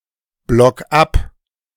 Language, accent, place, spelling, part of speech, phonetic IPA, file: German, Germany, Berlin, block ab, verb, [ˌblɔk ˈap], De-block ab.ogg
- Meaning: 1. singular imperative of abblocken 2. first-person singular present of abblocken